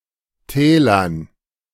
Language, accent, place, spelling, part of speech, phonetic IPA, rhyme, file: German, Germany, Berlin, Tälern, noun, [ˈtɛːlɐn], -ɛːlɐn, De-Tälern.ogg
- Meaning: dative plural of Tal